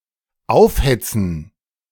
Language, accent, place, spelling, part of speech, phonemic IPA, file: German, Germany, Berlin, aufhetzen, verb, /ˈaʊ̯fˌhɛt͡sn̩/, De-aufhetzen.ogg
- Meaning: to agitate, to incite, to stir up, to foment